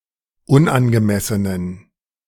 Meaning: inflection of unangemessen: 1. strong genitive masculine/neuter singular 2. weak/mixed genitive/dative all-gender singular 3. strong/weak/mixed accusative masculine singular 4. strong dative plural
- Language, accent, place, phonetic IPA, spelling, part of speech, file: German, Germany, Berlin, [ˈʊnʔanɡəˌmɛsənən], unangemessenen, adjective, De-unangemessenen.ogg